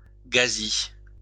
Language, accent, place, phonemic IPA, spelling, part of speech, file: French, France, Lyon, /ɡa.zi/, ghazi, noun, LL-Q150 (fra)-ghazi.wav
- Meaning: ghazi (Muslim warrior)